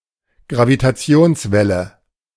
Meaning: gravitational wave
- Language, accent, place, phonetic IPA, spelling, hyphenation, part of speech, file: German, Germany, Berlin, [ɡʀavitaˈtsi̯oːnsˌvɛlə], Gravitationswelle, Gra‧vi‧ta‧ti‧ons‧wel‧le, noun, De-Gravitationswelle.ogg